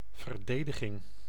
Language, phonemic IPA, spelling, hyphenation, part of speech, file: Dutch, /vərˈdeː.də.ɣɪŋ/, verdediging, ver‧de‧di‧ging, noun, Nl-verdediging.ogg
- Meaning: defense, defence